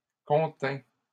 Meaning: first/second-person singular past historic of contenir
- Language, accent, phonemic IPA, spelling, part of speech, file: French, Canada, /kɔ̃.tɛ̃/, contins, verb, LL-Q150 (fra)-contins.wav